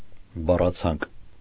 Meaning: wordlist
- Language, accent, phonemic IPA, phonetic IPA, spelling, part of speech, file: Armenian, Eastern Armenian, /bɑrɑˈt͡sʰɑnk/, [bɑrɑt͡sʰɑ́ŋk], բառացանկ, noun, Hy-բառացանկ.ogg